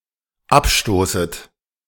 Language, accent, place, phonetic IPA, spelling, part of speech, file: German, Germany, Berlin, [ˈapˌʃtoːsət], abstoßet, verb, De-abstoßet.ogg
- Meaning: second-person plural dependent subjunctive I of abstoßen